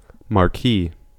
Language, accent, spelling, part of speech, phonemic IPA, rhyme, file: English, US, marquee, noun / adjective / verb, /(ˌ)mɑː(ɹ)ˈkiː/, -iː, En-us-marquee.ogg
- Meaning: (noun) A large tent with open sides, used for outdoors entertainment